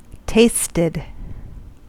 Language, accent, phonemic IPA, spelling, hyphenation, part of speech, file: English, US, /ˈteɪstɪd/, tasted, tast‧ed, verb, En-us-tasted.ogg
- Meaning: simple past and past participle of taste